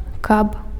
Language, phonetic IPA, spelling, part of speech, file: Belarusian, [kap], каб, conjunction, Be-каб.ogg
- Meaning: 1. in order to 2. if, if only